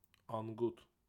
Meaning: 1. wild duck 2. ruddy shelduck 3. skinny person, skin and bones 4. insatiable or greedy person 5. simpleton
- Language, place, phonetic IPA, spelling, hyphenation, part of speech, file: Azerbaijani, Baku, [ɑŋˈɡut], anqut, an‧qut, noun, Az-az-anqut.ogg